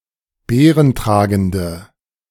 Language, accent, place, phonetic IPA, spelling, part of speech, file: German, Germany, Berlin, [ˈbeːʁənˌtʁaːɡn̩də], beerentragende, adjective, De-beerentragende.ogg
- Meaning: inflection of beerentragend: 1. strong/mixed nominative/accusative feminine singular 2. strong nominative/accusative plural 3. weak nominative all-gender singular